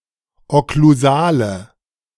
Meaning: inflection of okklusal: 1. strong/mixed nominative/accusative feminine singular 2. strong nominative/accusative plural 3. weak nominative all-gender singular
- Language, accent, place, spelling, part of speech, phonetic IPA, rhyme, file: German, Germany, Berlin, okklusale, adjective, [ɔkluˈzaːlə], -aːlə, De-okklusale.ogg